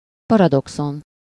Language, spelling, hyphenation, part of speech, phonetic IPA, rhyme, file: Hungarian, paradoxon, pa‧ra‧do‧xon, noun, [ˈpɒrɒdokson], -on, Hu-paradoxon.ogg
- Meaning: paradox